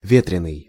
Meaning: 1. windy (of the weather) 2. flighty, not serious (of a person or behavior)
- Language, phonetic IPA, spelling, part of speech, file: Russian, [ˈvʲetrʲɪnɨj], ветреный, adjective, Ru-ветреный.ogg